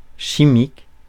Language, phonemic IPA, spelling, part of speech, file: French, /ʃi.mik/, chimique, adjective, Fr-chimique.ogg
- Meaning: 1. chemistry, chemical 2. chemical (obtained by means of chemistry; that relies on chemistry) 3. chemical, artificial, processed